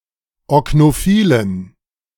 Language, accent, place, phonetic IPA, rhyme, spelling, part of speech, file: German, Germany, Berlin, [ɔknoˈfiːlən], -iːlən, oknophilen, adjective, De-oknophilen.ogg
- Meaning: inflection of oknophil: 1. strong genitive masculine/neuter singular 2. weak/mixed genitive/dative all-gender singular 3. strong/weak/mixed accusative masculine singular 4. strong dative plural